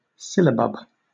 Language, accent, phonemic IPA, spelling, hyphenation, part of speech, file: English, Southern England, /ˈsɪ.lə.bʌb/, syllabub, syl‧la‧bub, noun, LL-Q1860 (eng)-syllabub.wav
- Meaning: A drink dating back to the 16th century consisting primarily of milk curdled with an alcoholic beverage or some acid such as lemon juice, which is usually then sweetened and spiced